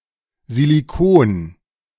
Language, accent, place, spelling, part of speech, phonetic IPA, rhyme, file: German, Germany, Berlin, Silicon, noun, [ziliˈkoːn], -oːn, De-Silicon.ogg
- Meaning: silicone